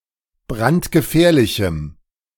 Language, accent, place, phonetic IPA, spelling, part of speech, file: German, Germany, Berlin, [ˈbʁantɡəˌfɛːɐ̯lɪçm̩], brandgefährlichem, adjective, De-brandgefährlichem.ogg
- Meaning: strong dative masculine/neuter singular of brandgefährlich